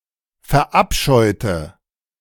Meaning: inflection of verabscheuen: 1. first/third-person singular preterite 2. first/third-person singular subjunctive II
- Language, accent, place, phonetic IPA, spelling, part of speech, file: German, Germany, Berlin, [fɛɐ̯ˈʔapʃɔɪ̯tə], verabscheute, adjective / verb, De-verabscheute.ogg